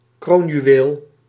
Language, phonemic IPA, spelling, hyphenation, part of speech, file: Dutch, /ˈkroːn.jyˌ(ʋ)eːl/, kroonjuweel, kroon‧ju‧weel, noun, Nl-kroonjuweel.ogg
- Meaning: 1. crown jewel, one of a set of regalia 2. core ideal, the part(s) of a political platform that are considered essential 3. See kroonjuwelen